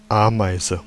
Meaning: 1. ant 2. electric pallet jack, electric pallet truck, electric pallet truck
- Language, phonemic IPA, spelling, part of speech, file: German, /ˈaː.(ˌ)maɪ̯.zə/, Ameise, noun, De-Ameise.ogg